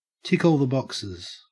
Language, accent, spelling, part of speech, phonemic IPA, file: English, Australia, tick all the boxes, verb, /ˈtɪk ɔːl ðə ˈbɒksɪz/, En-au-tick all the boxes.ogg
- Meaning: To fulfill all the requirements, especially as itemized in a list; to have all the needed characteristics; to complete all the steps in a process in an orderly manner